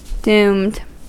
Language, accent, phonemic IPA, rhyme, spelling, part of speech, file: English, US, /duːmd/, -uːmd, doomed, adjective / verb, En-us-doomed.ogg
- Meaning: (adjective) 1. Assured to suffer death, failure, or a similarly negative outcome 2. Assured of any outcome, whether positive or negative; fated; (verb) simple past and past participle of doom